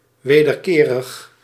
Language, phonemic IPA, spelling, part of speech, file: Dutch, /ʋeːdərˈkeːrəx/, wederkerig, adjective, Nl-wederkerig.ogg
- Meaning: mutual, reciprocal